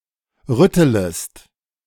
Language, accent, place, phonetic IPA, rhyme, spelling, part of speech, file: German, Germany, Berlin, [ˈʁʏtələst], -ʏtələst, rüttelest, verb, De-rüttelest.ogg
- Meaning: second-person singular subjunctive I of rütteln